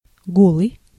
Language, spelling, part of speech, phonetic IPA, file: Russian, голый, adjective, [ˈɡoɫɨj], Ru-голый.ogg
- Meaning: 1. naked, nude, bare 2. poor, miserable